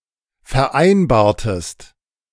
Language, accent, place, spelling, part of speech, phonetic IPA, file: German, Germany, Berlin, vereinbartest, verb, [fɛɐ̯ˈʔaɪ̯nbaːɐ̯təst], De-vereinbartest.ogg
- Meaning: inflection of vereinbaren: 1. second-person singular preterite 2. second-person singular subjunctive II